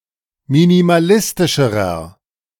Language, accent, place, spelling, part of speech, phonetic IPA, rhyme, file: German, Germany, Berlin, minimalistischerer, adjective, [minimaˈlɪstɪʃəʁɐ], -ɪstɪʃəʁɐ, De-minimalistischerer.ogg
- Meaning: inflection of minimalistisch: 1. strong/mixed nominative masculine singular comparative degree 2. strong genitive/dative feminine singular comparative degree